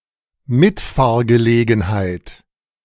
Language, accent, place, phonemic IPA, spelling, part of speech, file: German, Germany, Berlin, /ˈmɪtfaːɡəleːɡŋ̩haɪ̯t/, Mitfahrgelegenheit, noun, De-Mitfahrgelegenheit.ogg
- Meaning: 1. lift, ride 2. carpooling (sharing a car journey with someone else)